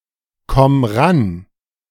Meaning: singular imperative of rankommen
- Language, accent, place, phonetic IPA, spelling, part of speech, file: German, Germany, Berlin, [ˌkɔm ˈʁan], komm ran, verb, De-komm ran.ogg